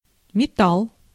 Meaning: 1. metal (chemical element forming metallic bonds or alloy containing such elements) 2. metal (music style)
- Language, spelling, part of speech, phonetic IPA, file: Russian, металл, noun, [mʲɪˈtaɫ], Ru-металл.ogg